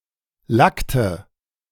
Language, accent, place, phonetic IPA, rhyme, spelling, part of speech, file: German, Germany, Berlin, [ˈlaktə], -aktə, lackte, verb, De-lackte.ogg
- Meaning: inflection of lacken: 1. first/third-person singular preterite 2. first/third-person singular subjunctive II